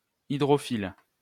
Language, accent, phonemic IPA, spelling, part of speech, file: French, France, /i.dʁɔ.fil/, hydrophile, adjective / noun, LL-Q150 (fra)-hydrophile.wav
- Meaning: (adjective) 1. absorbant 2. hydrophilic; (noun) hydrophilid